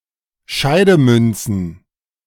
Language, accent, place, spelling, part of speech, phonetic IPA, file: German, Germany, Berlin, Scheidemünzen, noun, [ˈʃaɪ̯dəˌmʏnt͡sn̩], De-Scheidemünzen.ogg
- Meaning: plural of Scheidemünze